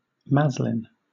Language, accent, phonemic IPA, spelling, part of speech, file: English, Southern England, /ˈmæzlɪn/, maslin, noun / adjective, LL-Q1860 (eng)-maslin.wav
- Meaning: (noun) A mixture composed of different materials; especially: 1. A mixture of metals resembling brass 2. A mixture of different sorts of grain, such as wheat and rye